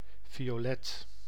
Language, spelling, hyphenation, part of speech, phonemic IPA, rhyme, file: Dutch, violet, vi‧o‧let, noun / adjective, /vi.oːˈlɛt/, -ɛt, Nl-violet.ogg
- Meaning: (noun) violet, a purplish colour; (adjective) violet-coloured